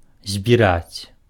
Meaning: to collect, to gather
- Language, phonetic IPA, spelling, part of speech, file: Belarusian, [zʲbʲiˈrat͡sʲ], збіраць, verb, Be-збіраць.ogg